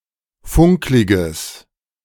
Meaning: strong/mixed nominative/accusative neuter singular of funklig
- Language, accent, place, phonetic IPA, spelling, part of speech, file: German, Germany, Berlin, [ˈfʊŋklɪɡəs], funkliges, adjective, De-funkliges.ogg